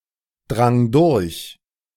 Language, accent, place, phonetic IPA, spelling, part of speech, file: German, Germany, Berlin, [ˌdʁaŋ ˈdʊʁç], drang durch, verb, De-drang durch.ogg
- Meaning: first/third-person singular preterite of durchdringen